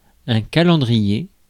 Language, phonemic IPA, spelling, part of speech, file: French, /ka.lɑ̃.dʁi.je/, calendrier, noun, Fr-calendrier.ogg
- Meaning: calendar (an organized, linear system used for measuring long periods of time)